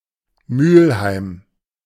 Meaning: 1. an independent city in North Rhine-Westphalia, Germany; official name: Mülheim an der Ruhr 2. An eastern borough of Cologne, North Rhine-Westphalia
- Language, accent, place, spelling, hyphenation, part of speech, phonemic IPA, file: German, Germany, Berlin, Mülheim, Mül‧heim, proper noun, /ˈmyːlhaɪ̯m/, De-Mülheim.ogg